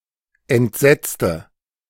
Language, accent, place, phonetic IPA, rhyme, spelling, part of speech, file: German, Germany, Berlin, [ɛntˈzɛt͡stə], -ɛt͡stə, entsetzte, adjective / verb, De-entsetzte.ogg
- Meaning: inflection of entsetzen: 1. first/third-person singular preterite 2. first/third-person singular subjunctive II